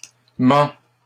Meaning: inflection of mentir: 1. first/second-person singular present indicative 2. second-person singular imperative
- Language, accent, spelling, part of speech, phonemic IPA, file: French, Canada, mens, verb, /mɑ̃/, LL-Q150 (fra)-mens.wav